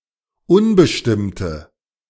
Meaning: inflection of unbestimmt: 1. strong/mixed nominative/accusative feminine singular 2. strong nominative/accusative plural 3. weak nominative all-gender singular
- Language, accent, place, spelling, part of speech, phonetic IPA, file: German, Germany, Berlin, unbestimmte, adjective, [ˈʊnbəʃtɪmtə], De-unbestimmte.ogg